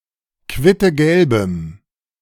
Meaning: strong dative masculine/neuter singular of quittegelb
- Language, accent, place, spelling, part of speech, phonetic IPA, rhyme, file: German, Germany, Berlin, quittegelbem, adjective, [ˌkvɪtəˈɡɛlbəm], -ɛlbəm, De-quittegelbem.ogg